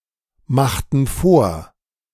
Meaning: inflection of vormachen: 1. first/third-person plural preterite 2. first/third-person plural subjunctive II
- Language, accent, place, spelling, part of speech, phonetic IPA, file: German, Germany, Berlin, machten vor, verb, [ˌmaxtn̩ ˈfoːɐ̯], De-machten vor.ogg